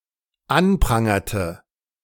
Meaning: inflection of anprangern: 1. first/third-person singular dependent preterite 2. first/third-person singular dependent subjunctive II
- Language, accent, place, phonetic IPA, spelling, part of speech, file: German, Germany, Berlin, [ˈanˌpʁaŋɐtə], anprangerte, verb, De-anprangerte.ogg